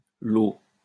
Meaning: praise; acclaim
- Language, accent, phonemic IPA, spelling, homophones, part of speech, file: French, France, /lo/, los, lot, noun, LL-Q150 (fra)-los.wav